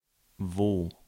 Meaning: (adverb) 1. where (at what place) 2. where (at or in which place or situation) 3. when, that (on which; at which time) 4. somewhere (in or to an uncertain or unspecified location); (conjunction) when
- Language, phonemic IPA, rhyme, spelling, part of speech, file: German, /voː/, -oː, wo, adverb / conjunction / pronoun, De-wo.ogg